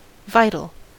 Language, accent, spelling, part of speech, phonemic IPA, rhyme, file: English, US, vital, adjective, /ˈvaɪtəl/, -aɪtəl, En-us-vital.ogg
- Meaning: 1. Relating to or characteristic of life 2. Necessary to the continuation of life; being the seat of life; being that on which life depends 3. Invigorating or life-giving